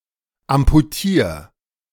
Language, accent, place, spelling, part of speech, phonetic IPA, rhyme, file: German, Germany, Berlin, amputier, verb, [ampuˈtiːɐ̯], -iːɐ̯, De-amputier.ogg
- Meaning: 1. singular imperative of amputieren 2. first-person singular present of amputieren